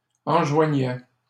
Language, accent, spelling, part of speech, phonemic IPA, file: French, Canada, enjoignait, verb, /ɑ̃.ʒwa.ɲɛ/, LL-Q150 (fra)-enjoignait.wav
- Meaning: third-person singular imperfect indicative of enjoindre